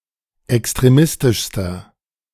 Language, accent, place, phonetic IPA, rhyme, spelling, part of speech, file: German, Germany, Berlin, [ɛkstʁeˈmɪstɪʃstɐ], -ɪstɪʃstɐ, extremistischster, adjective, De-extremistischster.ogg
- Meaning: inflection of extremistisch: 1. strong/mixed nominative masculine singular superlative degree 2. strong genitive/dative feminine singular superlative degree